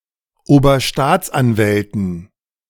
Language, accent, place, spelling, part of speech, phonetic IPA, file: German, Germany, Berlin, Oberstaatsanwälten, noun, [oːbɐˈʃtaːt͡sʔanˌvɛltn̩], De-Oberstaatsanwälten.ogg
- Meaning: dative plural of Oberstaatsanwalt